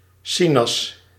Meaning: orangeade, orange soda
- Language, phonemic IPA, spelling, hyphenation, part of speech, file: Dutch, /ˈsi.nɑs/, sinas, si‧nas, noun, Nl-sinas.ogg